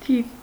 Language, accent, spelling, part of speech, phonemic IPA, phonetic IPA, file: Armenian, Eastern Armenian, թիվ, noun, /tʰiv/, [tʰiv], Hy-թիվ.ogg
- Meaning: 1. number 2. quantity, number 3. year; date